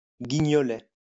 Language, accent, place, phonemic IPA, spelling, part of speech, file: French, France, Lyon, /ɡi.ɲɔ.lɛ/, guignolet, noun, LL-Q150 (fra)-guignolet.wav
- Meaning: a cherry liqueur